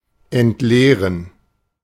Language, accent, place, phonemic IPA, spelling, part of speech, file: German, Germany, Berlin, /ɛntˈleːʁən/, entleeren, verb, De-entleeren.ogg
- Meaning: to empty (to make empty)